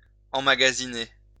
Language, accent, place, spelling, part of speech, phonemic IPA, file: French, France, Lyon, emmagasiner, verb, /ɑ̃.ma.ɡa.zi.ne/, LL-Q150 (fra)-emmagasiner.wav
- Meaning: 1. to store (in a shop, in a store) 2. to store up, to stock up